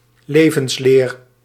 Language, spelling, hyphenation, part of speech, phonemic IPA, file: Dutch, levensleer, le‧vens‧leer, noun, /ˈleː.vənsˌleːr/, Nl-levensleer.ogg
- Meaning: 1. biology 2. doctrine about how one should live one's life, worldview